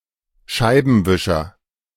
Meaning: windshield wiper, windscreen wiper (UK)
- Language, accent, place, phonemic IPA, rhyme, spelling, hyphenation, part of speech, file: German, Germany, Berlin, /ˈʃaɪ̯bn̩ˌvɪʃɐ/, -ɪʃɐ, Scheibenwischer, Schei‧ben‧wi‧scher, noun, De-Scheibenwischer.ogg